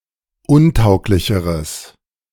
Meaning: strong/mixed nominative/accusative neuter singular comparative degree of untauglich
- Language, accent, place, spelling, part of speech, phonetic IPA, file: German, Germany, Berlin, untauglicheres, adjective, [ˈʊnˌtaʊ̯klɪçəʁəs], De-untauglicheres.ogg